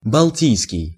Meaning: Baltic
- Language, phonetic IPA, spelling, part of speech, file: Russian, [bɐɫˈtʲijskʲɪj], балтийский, adjective, Ru-балтийский.ogg